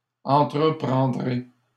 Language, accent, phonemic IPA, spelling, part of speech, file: French, Canada, /ɑ̃.tʁə.pʁɑ̃.dʁe/, entreprendrez, verb, LL-Q150 (fra)-entreprendrez.wav
- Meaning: second-person plural future of entreprendre